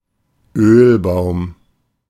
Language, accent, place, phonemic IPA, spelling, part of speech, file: German, Germany, Berlin, /ˈøːlˌbaʊ̯m/, Ölbaum, noun, De-Ölbaum.ogg
- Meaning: 1. synonym of Olivenbaum (“olive tree”) 2. any member of the genus Olea (to which the olive tree belongs)